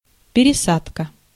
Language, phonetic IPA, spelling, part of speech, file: Russian, [pʲɪrʲɪˈsatkə], пересадка, noun, Ru-пересадка.ogg
- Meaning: 1. transplantation, grafting 2. change (of trains, planes), transfer, connection